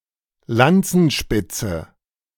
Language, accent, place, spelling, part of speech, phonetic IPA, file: German, Germany, Berlin, Lanzenspitze, noun, [ˈlant͡sn̩ˌʃpɪt͡sə], De-Lanzenspitze.ogg
- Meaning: spearhead (head of a spear or lance)